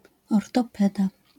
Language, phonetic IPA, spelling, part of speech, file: Polish, [ˌɔrtɔˈpɛda], ortopeda, noun, LL-Q809 (pol)-ortopeda.wav